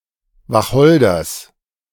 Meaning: genitive singular of Wacholder
- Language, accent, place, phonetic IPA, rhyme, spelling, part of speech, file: German, Germany, Berlin, [vaˈxɔldɐs], -ɔldɐs, Wacholders, noun, De-Wacholders.ogg